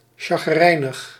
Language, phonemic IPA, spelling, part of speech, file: Dutch, /ˌsɑxəˈrɛinəx/, sacherijnig, adjective, Nl-sacherijnig.ogg
- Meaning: bad tempered, grumpy